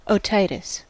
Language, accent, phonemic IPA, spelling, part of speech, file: English, US, /oʊˈtaɪ.tɪs/, otitis, noun, En-us-otitis.ogg
- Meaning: Inflammation of the ear